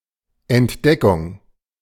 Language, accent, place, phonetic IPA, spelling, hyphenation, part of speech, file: German, Germany, Berlin, [ʔɛntˈdɛkʊŋ(k)], Entdeckung, Ent‧de‧ckung, noun, De-Entdeckung.ogg
- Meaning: discovery